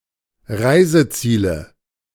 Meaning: nominative/accusative/genitive plural of Reiseziel
- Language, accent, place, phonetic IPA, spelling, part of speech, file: German, Germany, Berlin, [ˈʁaɪ̯zəˌt͡siːlə], Reiseziele, noun, De-Reiseziele.ogg